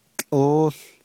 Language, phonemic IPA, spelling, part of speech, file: Navajo, /t͡ɬʼóːɬ/, tłʼóół, noun, Nv-tłʼóół.ogg
- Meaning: 1. rope, cord, twine, string 2. lariat, lasso